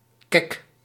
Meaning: 1. eye-catching (visually pleasing in a hip or bold manner) 2. fashionable 3. sassy (bold and spirited; cheeky)
- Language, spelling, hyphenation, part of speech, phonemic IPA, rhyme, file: Dutch, kek, kek, adjective, /kɛk/, -ɛk, Nl-kek.ogg